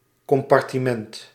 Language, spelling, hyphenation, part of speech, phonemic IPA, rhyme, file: Dutch, compartiment, com‧par‧ti‧ment, noun, /ˌkɔm.pɑr.tiˈmɛnt/, -ɛnt, Nl-compartiment.ogg
- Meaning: 1. compartment 2. train compartment